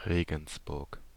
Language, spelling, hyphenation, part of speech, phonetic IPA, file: German, Regensburg, Re‧gens‧burg, proper noun, [ˈʁeːɡn̩sˌbʊʁk], De-Regensburg.ogg
- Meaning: Regensburg, Ratisbon (an independent city, the administrative seat of the Upper Palatinate region, Bavaria, Upper Palatinate region, Germany)